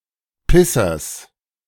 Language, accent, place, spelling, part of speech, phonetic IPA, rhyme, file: German, Germany, Berlin, Pissers, noun, [ˈpɪsɐs], -ɪsɐs, De-Pissers.ogg
- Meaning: genitive singular of Pisser